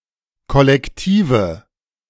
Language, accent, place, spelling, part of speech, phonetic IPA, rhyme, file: German, Germany, Berlin, Kollektive, noun, [kɔlɛkˈtiːvə], -iːvə, De-Kollektive.ogg
- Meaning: nominative/accusative/genitive plural of Kollektiv